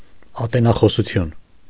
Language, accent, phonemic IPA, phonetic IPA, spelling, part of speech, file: Armenian, Eastern Armenian, /ɑtenɑχosuˈtʰjun/, [ɑtenɑχosut͡sʰjún], ատենախոսություն, noun, Hy-ատենախոսություն.ogg
- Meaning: dissertation, thesis